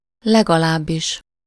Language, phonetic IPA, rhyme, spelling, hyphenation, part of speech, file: Hungarian, [ˈlɛɡɒlaːbːiʃ], -iʃ, legalábbis, leg‧alább‧is, adverb, Hu-legalábbis.ogg
- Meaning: 1. at least (in any event; anyway) 2. synonym of legalább (“at least”, at the least, at a minimum or lower limit)